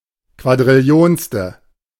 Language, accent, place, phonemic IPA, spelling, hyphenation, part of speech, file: German, Germany, Berlin, /kvadʁɪlˈi̯oːnstə/, quadrillionste, qua‧d‧ril‧li‧ons‧te, adjective, De-quadrillionste.ogg
- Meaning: septillionth